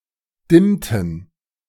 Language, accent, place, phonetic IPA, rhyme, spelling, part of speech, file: German, Germany, Berlin, [ˈdɪmtn̩], -ɪmtn̩, dimmten, verb, De-dimmten.ogg
- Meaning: inflection of dimmen: 1. first/third-person plural preterite 2. first/third-person plural subjunctive II